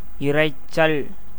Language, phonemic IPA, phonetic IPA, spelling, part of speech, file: Tamil, /ɪɾɐɪ̯tʃtʃɐl/, [ɪɾɐɪ̯ssɐl], இரைச்சல், noun, Ta-இரைச்சல்.ogg
- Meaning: sound, noise, clamour, uproar, hubbub, din